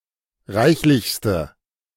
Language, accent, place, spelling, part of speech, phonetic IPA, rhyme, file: German, Germany, Berlin, reichlichste, adjective, [ˈʁaɪ̯çlɪçstə], -aɪ̯çlɪçstə, De-reichlichste.ogg
- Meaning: inflection of reichlich: 1. strong/mixed nominative/accusative feminine singular superlative degree 2. strong nominative/accusative plural superlative degree